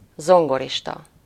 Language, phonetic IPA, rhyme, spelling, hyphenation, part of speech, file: Hungarian, [ˈzoŋɡoriʃtɒ], -tɒ, zongorista, zon‧go‧ris‧ta, noun, Hu-zongorista.ogg
- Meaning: pianist